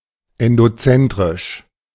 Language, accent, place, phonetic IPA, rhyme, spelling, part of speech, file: German, Germany, Berlin, [ɛndoˈt͡sɛntʁɪʃ], -ɛntʁɪʃ, endozentrisch, adjective, De-endozentrisch.ogg
- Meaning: endocentric